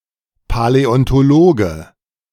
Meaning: paleontologist (male or of unspecified gender)
- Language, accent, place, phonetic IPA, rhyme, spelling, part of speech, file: German, Germany, Berlin, [palɛɔntoˈloːɡə], -oːɡə, Paläontologe, noun, De-Paläontologe.ogg